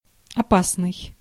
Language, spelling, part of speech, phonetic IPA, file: Russian, опасный, adjective, [ɐˈpasnɨj], Ru-опасный.ogg
- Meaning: dangerous, perilous